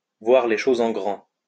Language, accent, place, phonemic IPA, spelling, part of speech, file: French, France, Lyon, /vwaʁ le ʃoz ɑ̃ ɡʁɑ̃/, voir les choses en grand, verb, LL-Q150 (fra)-voir les choses en grand.wav
- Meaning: to think big